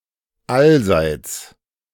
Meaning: on all sides
- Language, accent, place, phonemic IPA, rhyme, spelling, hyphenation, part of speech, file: German, Germany, Berlin, /ˈalzaɪ̯t͡s/, -aɪ̯t͡s, allseits, all‧seits, adverb, De-allseits.ogg